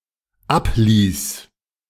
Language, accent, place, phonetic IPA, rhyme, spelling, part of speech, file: German, Germany, Berlin, [ˈapˌliːs], -apliːs, abließ, verb, De-abließ.ogg
- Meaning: first/third-person singular dependent preterite of ablassen